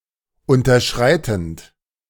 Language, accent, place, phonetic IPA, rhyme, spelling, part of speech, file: German, Germany, Berlin, [ˌʊntɐˈʃʁaɪ̯tn̩t], -aɪ̯tn̩t, unterschreitend, verb, De-unterschreitend.ogg
- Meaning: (verb) present participle of unterschreiten; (adjective) falling below, falling short of